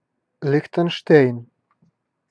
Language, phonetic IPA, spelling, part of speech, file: Russian, [lʲɪxtɨnʂˈtɛjn], Лихтенштейн, proper noun, Ru-Лихтенштейн.ogg
- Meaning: Liechtenstein (a microstate in Central Europe)